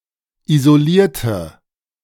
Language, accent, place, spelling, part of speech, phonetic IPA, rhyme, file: German, Germany, Berlin, isolierte, adjective / verb, [izoˈliːɐ̯tə], -iːɐ̯tə, De-isolierte.ogg
- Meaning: inflection of isolieren: 1. first/third-person singular preterite 2. first/third-person singular subjunctive II